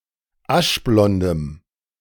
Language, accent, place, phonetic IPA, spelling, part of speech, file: German, Germany, Berlin, [ˈaʃˌblɔndəm], aschblondem, adjective, De-aschblondem.ogg
- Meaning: strong dative masculine/neuter singular of aschblond